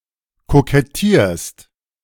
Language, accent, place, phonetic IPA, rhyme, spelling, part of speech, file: German, Germany, Berlin, [kokɛˈtiːɐ̯st], -iːɐ̯st, kokettierst, verb, De-kokettierst.ogg
- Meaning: second-person singular present of kokettieren